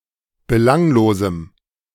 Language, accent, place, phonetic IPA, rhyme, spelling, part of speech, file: German, Germany, Berlin, [bəˈlaŋloːzm̩], -aŋloːzm̩, belanglosem, adjective, De-belanglosem.ogg
- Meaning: strong dative masculine/neuter singular of belanglos